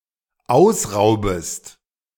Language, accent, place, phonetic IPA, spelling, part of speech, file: German, Germany, Berlin, [ˈaʊ̯sˌʁaʊ̯bəst], ausraubest, verb, De-ausraubest.ogg
- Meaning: second-person singular dependent subjunctive I of ausrauben